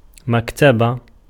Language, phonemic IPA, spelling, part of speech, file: Arabic, /mak.ta.ba/, مكتبة, noun, Ar-مكتبة.ogg
- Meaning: 1. library 2. bookstore 3. stationery store 4. bookcase 5. desk 6. literature